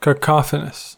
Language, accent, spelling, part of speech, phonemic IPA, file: English, US, cacophonous, adjective, /kəˈkɑfənəs/, En-us-cacophonous.ogg
- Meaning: Containing, consisting of, or producing harsh, unpleasant or discordant sounds